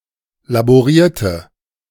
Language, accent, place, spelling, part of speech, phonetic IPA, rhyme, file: German, Germany, Berlin, laborierte, verb, [laboˈʁiːɐ̯tə], -iːɐ̯tə, De-laborierte.ogg
- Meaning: inflection of laborieren: 1. first/third-person singular preterite 2. first/third-person singular subjunctive II